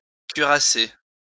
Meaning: 1. to put on (a suit of armour) 2. to prepare for action
- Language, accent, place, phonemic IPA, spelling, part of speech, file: French, France, Lyon, /kɥi.ʁa.se/, cuirasser, verb, LL-Q150 (fra)-cuirasser.wav